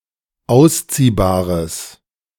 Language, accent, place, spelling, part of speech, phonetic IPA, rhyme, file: German, Germany, Berlin, ausziehbares, adjective, [ˈaʊ̯sˌt͡siːbaːʁəs], -aʊ̯st͡siːbaːʁəs, De-ausziehbares.ogg
- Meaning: strong/mixed nominative/accusative neuter singular of ausziehbar